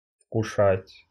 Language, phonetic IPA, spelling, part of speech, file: Russian, [fkʊˈʂatʲ], вкушать, verb, Ru-вкушать.ogg
- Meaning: to partake (of), to taste (of)